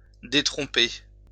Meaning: to disabuse (with de = of); to undeceive; to disillusion
- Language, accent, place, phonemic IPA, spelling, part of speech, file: French, France, Lyon, /de.tʁɔ̃.pe/, détromper, verb, LL-Q150 (fra)-détromper.wav